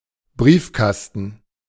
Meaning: mailbox, letterbox
- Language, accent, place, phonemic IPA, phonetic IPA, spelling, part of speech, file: German, Germany, Berlin, /ˈbriːfˌkastən/, [ˈbʁiːfˌkas.tn̩], Briefkasten, noun, De-Briefkasten.ogg